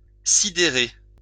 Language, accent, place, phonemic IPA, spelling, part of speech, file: French, France, Lyon, /si.de.ʁe/, sidérer, verb, LL-Q150 (fra)-sidérer.wav
- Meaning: 1. to dumbfound, flummox 2. to consternate